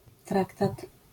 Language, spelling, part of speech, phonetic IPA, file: Polish, traktat, noun, [ˈtraktat], LL-Q809 (pol)-traktat.wav